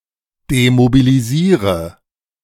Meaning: inflection of demobilisieren: 1. first-person singular present 2. first/third-person singular subjunctive I 3. singular imperative
- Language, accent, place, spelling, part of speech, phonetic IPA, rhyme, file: German, Germany, Berlin, demobilisiere, verb, [demobiliˈziːʁə], -iːʁə, De-demobilisiere.ogg